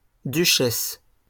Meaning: duchess
- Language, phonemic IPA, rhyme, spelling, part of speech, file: French, /dy.ʃɛs/, -ɛs, duchesse, noun, LL-Q150 (fra)-duchesse.wav